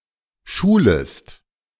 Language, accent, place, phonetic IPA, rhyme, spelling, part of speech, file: German, Germany, Berlin, [ˈʃuːləst], -uːləst, schulest, verb, De-schulest.ogg
- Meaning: second-person singular subjunctive I of schulen